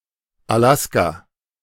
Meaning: 1. Alaska (a state of the United States, formerly a territory) 2. Alaska, Alaska Peninsula (a peninsula in southwest Alaska, United States, in full the Alaska Peninsula)
- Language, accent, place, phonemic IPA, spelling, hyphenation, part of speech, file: German, Germany, Berlin, /aˈlaska/, Alaska, Alas‧ka, proper noun, De-Alaska.ogg